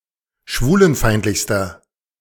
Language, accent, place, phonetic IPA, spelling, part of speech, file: German, Germany, Berlin, [ˈʃvuːlənˌfaɪ̯ntlɪçstɐ], schwulenfeindlichster, adjective, De-schwulenfeindlichster.ogg
- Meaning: inflection of schwulenfeindlich: 1. strong/mixed nominative masculine singular superlative degree 2. strong genitive/dative feminine singular superlative degree